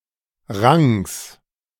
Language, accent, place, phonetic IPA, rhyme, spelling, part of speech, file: German, Germany, Berlin, [ʁaŋs], -aŋs, Rangs, noun, De-Rangs.ogg
- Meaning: genitive singular of Rang